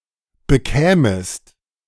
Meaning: second-person singular subjunctive II of bekommen
- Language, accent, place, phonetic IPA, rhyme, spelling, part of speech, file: German, Germany, Berlin, [bəˈkɛːməst], -ɛːməst, bekämest, verb, De-bekämest.ogg